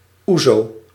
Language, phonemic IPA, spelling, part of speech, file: Dutch, /ˈuzo/, ouzo, noun, Nl-ouzo.ogg
- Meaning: ouzo